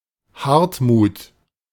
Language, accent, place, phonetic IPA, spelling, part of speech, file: German, Germany, Berlin, [ˈhaʁtmuːt], Hartmut, proper noun, De-Hartmut.ogg
- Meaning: a male given name from Old High German; name of a prince in the Gudrun Lied